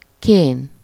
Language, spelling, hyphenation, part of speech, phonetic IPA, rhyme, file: Hungarian, kén, kén, noun, [ˈkeːn], -eːn, Hu-kén.ogg
- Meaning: sulfur, sulphur (chemical element)